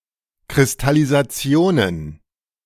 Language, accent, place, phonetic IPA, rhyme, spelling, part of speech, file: German, Germany, Berlin, [kʁɪstalizaˈt͡si̯oːnən], -oːnən, Kristallisationen, noun, De-Kristallisationen.ogg
- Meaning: plural of Kristallisation